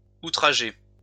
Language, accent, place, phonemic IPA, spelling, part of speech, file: French, France, Lyon, /u.tʁa.ʒe/, outragé, verb, LL-Q150 (fra)-outragé.wav
- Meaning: past participle of outrager